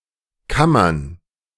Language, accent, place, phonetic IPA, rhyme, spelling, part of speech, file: German, Germany, Berlin, [ˈkamɐn], -amɐn, Kammern, noun, De-Kammern.ogg
- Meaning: plural of Kammer